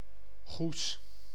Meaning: 1. a city and municipality of Zeeland, Netherlands 2. a surname — famously held by
- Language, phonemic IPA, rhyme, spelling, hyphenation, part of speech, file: Dutch, /ɣus/, -us, Goes, Goes, proper noun, Nl-Goes.ogg